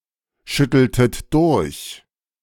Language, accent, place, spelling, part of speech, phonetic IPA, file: German, Germany, Berlin, schütteltet durch, verb, [ˌʃʏtl̩tət ˈdʊʁç], De-schütteltet durch.ogg
- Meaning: inflection of durchschütteln: 1. second-person plural preterite 2. second-person plural subjunctive II